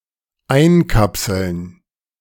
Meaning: to encapsulate
- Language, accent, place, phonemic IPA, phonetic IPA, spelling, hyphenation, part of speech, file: German, Germany, Berlin, /ˈaɪ̯nˌkapsəln/, [ˈʔaɪ̯nˌkʰapsl̩n], einkapseln, ein‧kap‧seln, verb, De-einkapseln.ogg